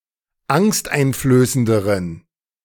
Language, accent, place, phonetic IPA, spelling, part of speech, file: German, Germany, Berlin, [ˈaŋstʔaɪ̯nfløːsəndəʁən], angsteinflößenderen, adjective, De-angsteinflößenderen.ogg
- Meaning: inflection of angsteinflößend: 1. strong genitive masculine/neuter singular comparative degree 2. weak/mixed genitive/dative all-gender singular comparative degree